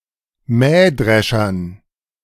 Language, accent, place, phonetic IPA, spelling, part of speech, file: German, Germany, Berlin, [ˈmɛːˌdʁɛʃɐn], Mähdreschern, noun, De-Mähdreschern.ogg
- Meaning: dative plural of Mähdrescher